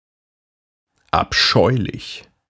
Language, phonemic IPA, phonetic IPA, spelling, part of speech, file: German, / ʔabˈʃɔʏ̯.lɪç /, [ ʔapˈʃɔʏ̯.lɪç ], abscheulich, adjective / adverb, De-abscheulich.ogg
- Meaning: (adjective) 1. abominable, hideous 2. abhorrent, detestable; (adverb) hideously, beastly, abominably, detestably